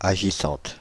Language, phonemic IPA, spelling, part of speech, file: French, /a.ʒi.sɑ̃t/, agissante, adjective, Fr-agissante.ogg
- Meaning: feminine singular of agissant